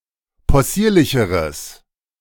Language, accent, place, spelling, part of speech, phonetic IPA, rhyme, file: German, Germany, Berlin, possierlicheres, adjective, [pɔˈsiːɐ̯lɪçəʁəs], -iːɐ̯lɪçəʁəs, De-possierlicheres.ogg
- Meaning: strong/mixed nominative/accusative neuter singular comparative degree of possierlich